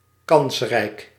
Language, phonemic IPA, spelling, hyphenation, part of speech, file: Dutch, /ˈkɑns.rɛi̯k/, kansrijk, kans‧rijk, adjective, Nl-kansrijk.ogg
- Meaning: having high odds of success, having good prospects, promising